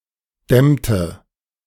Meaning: inflection of dämmen: 1. first/third-person singular preterite 2. first/third-person singular subjunctive II
- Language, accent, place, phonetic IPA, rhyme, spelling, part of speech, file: German, Germany, Berlin, [ˈdɛmtə], -ɛmtə, dämmte, verb, De-dämmte.ogg